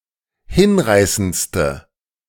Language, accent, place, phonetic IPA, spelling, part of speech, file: German, Germany, Berlin, [ˈhɪnˌʁaɪ̯sənt͡stə], hinreißendste, adjective, De-hinreißendste.ogg
- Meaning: inflection of hinreißend: 1. strong/mixed nominative/accusative feminine singular superlative degree 2. strong nominative/accusative plural superlative degree